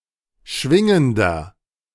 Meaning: inflection of schwingend: 1. strong/mixed nominative masculine singular 2. strong genitive/dative feminine singular 3. strong genitive plural
- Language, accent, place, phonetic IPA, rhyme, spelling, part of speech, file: German, Germany, Berlin, [ˈʃvɪŋəndɐ], -ɪŋəndɐ, schwingender, adjective, De-schwingender.ogg